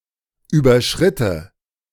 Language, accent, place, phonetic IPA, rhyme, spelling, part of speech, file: German, Germany, Berlin, [ˌyːbɐˈʃʁɪtə], -ɪtə, überschritte, verb, De-überschritte.ogg
- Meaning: first/third-person singular subjunctive II of überschreiten